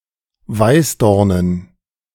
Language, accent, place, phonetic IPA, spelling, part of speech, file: German, Germany, Berlin, [ˈvaɪ̯sˌdɔʁnən], Weißdornen, noun, De-Weißdornen.ogg
- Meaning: dative plural of Weißdorn